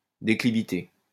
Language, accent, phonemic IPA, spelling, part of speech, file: French, France, /de.kli.vi.te/, déclivité, noun, LL-Q150 (fra)-déclivité.wav
- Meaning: slope, incline, declivity